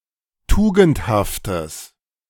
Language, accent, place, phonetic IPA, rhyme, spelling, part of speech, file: German, Germany, Berlin, [ˈtuːɡn̩thaftəs], -uːɡn̩thaftəs, tugendhaftes, adjective, De-tugendhaftes.ogg
- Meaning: strong/mixed nominative/accusative neuter singular of tugendhaft